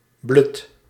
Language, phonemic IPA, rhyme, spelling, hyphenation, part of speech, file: Dutch, /blʏt/, -ʏt, blut, blut, adjective, Nl-blut.ogg
- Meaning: without money, broke, bankrupt